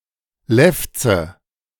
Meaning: 1. lip of a dog, predator, etc. (particularly when aggressive, baring the teeth) 2. lip in general 3. labium
- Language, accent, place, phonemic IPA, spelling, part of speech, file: German, Germany, Berlin, /ˈlɛftsə/, Lefze, noun, De-Lefze.ogg